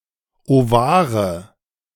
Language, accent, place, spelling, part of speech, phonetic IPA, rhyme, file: German, Germany, Berlin, Ovare, noun, [oˈvaːʁə], -aːʁə, De-Ovare.ogg
- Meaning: nominative/accusative/genitive plural of Ovar